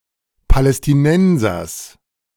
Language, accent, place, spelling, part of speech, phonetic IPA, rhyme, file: German, Germany, Berlin, Palästinensers, noun, [palɛstiˈnɛnzɐs], -ɛnzɐs, De-Palästinensers.ogg
- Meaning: genitive singular of Palästinenser